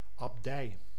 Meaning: an abbey, monastery under a prelate styled abbot
- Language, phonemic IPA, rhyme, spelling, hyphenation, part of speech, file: Dutch, /ɑbˈdɛi̯/, -ɛi̯, abdij, ab‧dij, noun, Nl-abdij.ogg